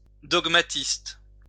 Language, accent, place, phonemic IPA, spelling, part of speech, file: French, France, Lyon, /dɔɡ.ma.tist/, dogmatiste, noun, LL-Q150 (fra)-dogmatiste.wav
- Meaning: dogmatist